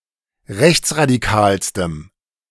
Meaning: strong dative masculine/neuter singular superlative degree of rechtsradikal
- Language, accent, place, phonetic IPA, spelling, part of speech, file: German, Germany, Berlin, [ˈʁɛçt͡sʁadiˌkaːlstəm], rechtsradikalstem, adjective, De-rechtsradikalstem.ogg